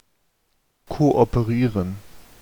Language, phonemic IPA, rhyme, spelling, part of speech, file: German, /ˌkoʔɔpəˈʁiːʁən/, -iːʁən, kooperieren, verb, De-kooperieren.ogg
- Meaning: to cooperate